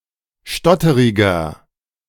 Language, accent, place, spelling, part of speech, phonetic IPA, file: German, Germany, Berlin, stotteriger, adjective, [ˈʃtɔtəʁɪɡɐ], De-stotteriger.ogg
- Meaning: 1. comparative degree of stotterig 2. inflection of stotterig: strong/mixed nominative masculine singular 3. inflection of stotterig: strong genitive/dative feminine singular